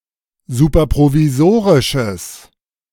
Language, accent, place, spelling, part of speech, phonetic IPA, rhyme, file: German, Germany, Berlin, superprovisorisches, adjective, [ˌsuːpɐpʁoviˈzoːʁɪʃəs], -oːʁɪʃəs, De-superprovisorisches.ogg
- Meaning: strong/mixed nominative/accusative neuter singular of superprovisorisch